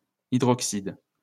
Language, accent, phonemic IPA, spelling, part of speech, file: French, France, /i.dʁɔk.sid/, hydroxyde, noun, LL-Q150 (fra)-hydroxyde.wav
- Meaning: hydroxide